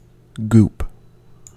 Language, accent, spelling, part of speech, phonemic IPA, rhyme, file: English, US, goop, noun / verb, /ɡuːp/, -uːp, En-us-goop.ogg
- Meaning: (noun) 1. A thick, slimy substance; goo 2. A silly, stupid, or boorish person; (verb) 1. To apply a thick, slimy, or goo-like substance 2. To stare; gawk